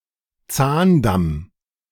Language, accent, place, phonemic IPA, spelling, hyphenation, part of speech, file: German, Germany, Berlin, /ˈt͡saːnˌdam/, Zahndamm, Zahn‧damm, noun, De-Zahndamm.ogg
- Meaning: alveolar ridge